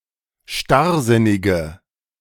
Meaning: inflection of starrsinnig: 1. strong/mixed nominative/accusative feminine singular 2. strong nominative/accusative plural 3. weak nominative all-gender singular
- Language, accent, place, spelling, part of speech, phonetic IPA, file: German, Germany, Berlin, starrsinnige, adjective, [ˈʃtaʁˌzɪnɪɡə], De-starrsinnige.ogg